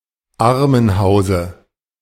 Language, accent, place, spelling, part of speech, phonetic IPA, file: German, Germany, Berlin, Armenhause, noun, [ˈaʁmənˌhaʊ̯zə], De-Armenhause.ogg
- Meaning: dative singular of Armenhaus